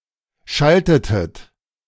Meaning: inflection of schalten: 1. second-person plural preterite 2. second-person plural subjunctive II
- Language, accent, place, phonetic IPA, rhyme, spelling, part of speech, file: German, Germany, Berlin, [ˈʃaltətət], -altətət, schaltetet, verb, De-schaltetet.ogg